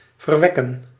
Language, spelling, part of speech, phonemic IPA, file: Dutch, verwekken, verb, /vərˈʋɛ.kə(n)/, Nl-verwekken.ogg
- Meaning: to beget